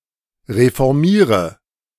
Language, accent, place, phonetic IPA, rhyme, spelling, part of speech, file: German, Germany, Berlin, [ʁefɔʁˈmiːʁə], -iːʁə, reformiere, verb, De-reformiere.ogg
- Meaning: inflection of reformieren: 1. first-person singular present 2. singular imperative 3. first/third-person singular subjunctive I